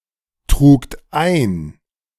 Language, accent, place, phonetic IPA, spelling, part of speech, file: German, Germany, Berlin, [ˌtʁuːkt ˈaɪ̯n], trugt ein, verb, De-trugt ein.ogg
- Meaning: second-person plural preterite of eintragen